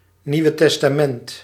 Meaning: the New Testament, in any Christian canon
- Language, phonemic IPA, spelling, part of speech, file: Dutch, /ˌniu̯.ə tɛs.taːˈmɛnt/, Nieuwe Testament, proper noun, Nl-Nieuwe Testament.ogg